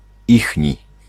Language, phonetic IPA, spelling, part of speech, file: Polish, [ˈixʲɲi], ichni, adjective, Pl-ichni.ogg